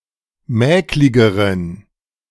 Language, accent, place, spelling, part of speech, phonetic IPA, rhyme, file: German, Germany, Berlin, mäkligeren, adjective, [ˈmɛːklɪɡəʁən], -ɛːklɪɡəʁən, De-mäkligeren.ogg
- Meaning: inflection of mäklig: 1. strong genitive masculine/neuter singular comparative degree 2. weak/mixed genitive/dative all-gender singular comparative degree